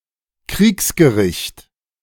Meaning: court martial
- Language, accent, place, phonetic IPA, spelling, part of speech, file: German, Germany, Berlin, [ˈkʁiːksɡəˌʁɪçt], Kriegsgericht, noun, De-Kriegsgericht.ogg